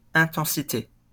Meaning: intensity
- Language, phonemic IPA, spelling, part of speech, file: French, /ɛ̃.tɑ̃.si.te/, intensité, noun, LL-Q150 (fra)-intensité.wav